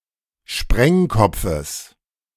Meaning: genitive singular of Sprengkopf
- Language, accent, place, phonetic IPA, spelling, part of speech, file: German, Germany, Berlin, [ˈʃpʁɛŋˌkɔp͡fəs], Sprengkopfes, noun, De-Sprengkopfes.ogg